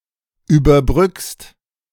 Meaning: second-person singular present of überbrücken
- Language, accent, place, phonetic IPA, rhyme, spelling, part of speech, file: German, Germany, Berlin, [yːbɐˈbʁʏkst], -ʏkst, überbrückst, verb, De-überbrückst.ogg